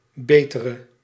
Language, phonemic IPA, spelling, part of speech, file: Dutch, /ˈbetərə/, betere, adjective / verb, Nl-betere.ogg
- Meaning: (adjective) inflection of beter, the comparative degree of goed: 1. masculine/feminine singular attributive 2. definite neuter singular attributive 3. plural attributive